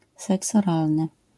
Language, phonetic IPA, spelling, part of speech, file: Polish, [ˈsɛks ɔˈralnɨ], seks oralny, noun, LL-Q809 (pol)-seks oralny.wav